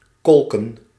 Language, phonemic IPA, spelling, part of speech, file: Dutch, /ˈkɔl.kə(n)/, kolken, verb, Nl-kolken.ogg
- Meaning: 1. to whirl, to churn 2. to rise or descend in a whirl 3. to experience strong emotions, to seethe